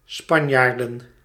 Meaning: plural of Spanjaard
- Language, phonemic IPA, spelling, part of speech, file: Dutch, /ˈspɑɲardə(n)/, Spanjaarden, noun, Nl-Spanjaarden.ogg